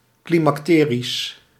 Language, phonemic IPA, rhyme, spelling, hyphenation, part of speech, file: Dutch, /ˌkli.mɑkˈteː.ris/, -eːris, climacterisch, cli‧mac‧te‧risch, adjective, Nl-climacterisch.ogg
- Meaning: climactic